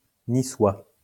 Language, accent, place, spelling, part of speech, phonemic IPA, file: French, France, Lyon, niçois, adjective, /ni.swa/, LL-Q150 (fra)-niçois.wav
- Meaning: of, from or relating to the city of Nice, the prefecture of the Alpes-Maritimes department, Provence-Alpes-Côte d'Azur, France